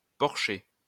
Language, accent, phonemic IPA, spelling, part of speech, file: French, France, /pɔʁ.ʃe/, porcher, noun, LL-Q150 (fra)-porcher.wav
- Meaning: swineherd (pig keeper)